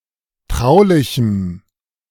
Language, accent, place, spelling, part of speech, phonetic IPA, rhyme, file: German, Germany, Berlin, traulichem, adjective, [ˈtʁaʊ̯lɪçm̩], -aʊ̯lɪçm̩, De-traulichem.ogg
- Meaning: strong dative masculine/neuter singular of traulich